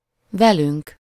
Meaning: first-person plural of vele
- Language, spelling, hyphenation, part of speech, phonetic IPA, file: Hungarian, velünk, ve‧lünk, pronoun, [ˈvɛlyŋk], Hu-velünk.ogg